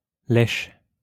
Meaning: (verb) inflection of lécher: 1. first/third-person singular present indicative/subjunctive 2. second-person singular imperative; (noun) 1. bootlicking, brownnosing 2. earthworm
- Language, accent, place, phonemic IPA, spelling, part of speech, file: French, France, Lyon, /lɛʃ/, lèche, verb / noun, LL-Q150 (fra)-lèche.wav